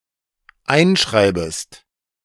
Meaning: second-person singular dependent subjunctive I of einschreiben
- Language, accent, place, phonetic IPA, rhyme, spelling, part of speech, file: German, Germany, Berlin, [ˈaɪ̯nˌʃʁaɪ̯bəst], -aɪ̯nʃʁaɪ̯bəst, einschreibest, verb, De-einschreibest.ogg